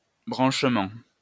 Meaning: 1. connection 2. plugging in, linking up
- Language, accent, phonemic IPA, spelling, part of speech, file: French, France, /bʁɑ̃ʃ.mɑ̃/, branchement, noun, LL-Q150 (fra)-branchement.wav